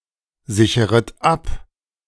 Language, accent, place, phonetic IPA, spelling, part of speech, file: German, Germany, Berlin, [ˌzɪçəʁət ˈap], sicheret ab, verb, De-sicheret ab.ogg
- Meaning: second-person plural subjunctive I of absichern